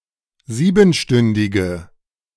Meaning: inflection of siebenstündig: 1. strong/mixed nominative/accusative feminine singular 2. strong nominative/accusative plural 3. weak nominative all-gender singular
- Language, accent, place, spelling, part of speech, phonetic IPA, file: German, Germany, Berlin, siebenstündige, adjective, [ˈziːbn̩ˌʃtʏndɪɡə], De-siebenstündige.ogg